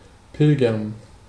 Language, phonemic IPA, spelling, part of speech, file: German, /ˈpɪlɡɐn/, pilgern, verb, De-pilgern.ogg
- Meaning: to pilgrimage